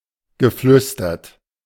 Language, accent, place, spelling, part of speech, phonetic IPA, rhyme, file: German, Germany, Berlin, geflüstert, verb, [ɡəˈflʏstɐt], -ʏstɐt, De-geflüstert.ogg
- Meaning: past participle of flüstern